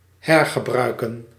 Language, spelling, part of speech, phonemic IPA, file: Dutch, hergebruiken, verb, /ˈhɛrɣəˌbrœykə(n)/, Nl-hergebruiken.ogg
- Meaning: to reuse, to recycle